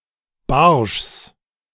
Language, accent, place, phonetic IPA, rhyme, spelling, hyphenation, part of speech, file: German, Germany, Berlin, [baʁʃs], -aʁʃs, Barschs, Barschs, noun, De-Barschs.ogg
- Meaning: genitive singular of Barsch